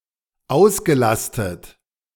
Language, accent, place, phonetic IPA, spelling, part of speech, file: German, Germany, Berlin, [ˈaʊ̯sɡəˌlastət], ausgelastet, verb, De-ausgelastet.ogg
- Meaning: past participle of auslasten